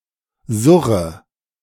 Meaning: inflection of surren: 1. first-person singular present 2. first/third-person singular subjunctive I 3. singular imperative
- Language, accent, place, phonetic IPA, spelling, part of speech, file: German, Germany, Berlin, [ˈzʊʁə], surre, verb, De-surre.ogg